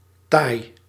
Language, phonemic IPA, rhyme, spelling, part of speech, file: Dutch, /taːi̯/, -aːi̯, taai, adjective, Nl-taai.ogg
- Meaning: 1. tough, resilient 2. difficult to chew